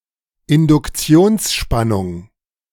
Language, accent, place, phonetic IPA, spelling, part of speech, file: German, Germany, Berlin, [ɪndʊkˈt͡si̯oːnsˌʃpanʊŋ], Induktionsspannung, noun, De-Induktionsspannung.ogg
- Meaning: inducted voltage; induction voltage